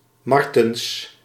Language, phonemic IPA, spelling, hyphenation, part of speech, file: Dutch, /ˈmɑr.təns/, Martens, Mar‧tens, proper noun, Nl-Martens.ogg
- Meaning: a surname originating as a patronymic